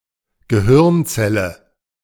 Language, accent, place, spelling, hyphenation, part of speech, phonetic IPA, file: German, Germany, Berlin, Gehirnzelle, Ge‧hirn‧zel‧le, noun, [ɡəˈhɪrntsɛlə], De-Gehirnzelle.ogg
- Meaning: brain cell